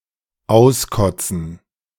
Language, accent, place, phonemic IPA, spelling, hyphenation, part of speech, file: German, Germany, Berlin, /ˈaʊ̯sˌkɔt͡sn̩/, auskotzen, aus‧kot‧zen, verb, De-auskotzen.ogg
- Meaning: 1. to throw up 2. to vent